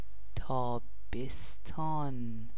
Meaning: summer
- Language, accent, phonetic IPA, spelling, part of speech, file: Persian, Iran, [t̪ʰɒː.bes.t̪ʰɒ́ːn], تابستان, noun, Fa-تابستان.ogg